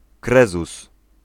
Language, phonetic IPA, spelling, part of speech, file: Polish, [ˈkrɛzus], krezus, noun, Pl-krezus.ogg